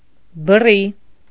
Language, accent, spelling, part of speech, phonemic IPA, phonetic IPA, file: Armenian, Eastern Armenian, բռի, adjective, /bəˈri/, [bərí], Hy-բռի.ogg
- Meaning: crude, rude, uncouth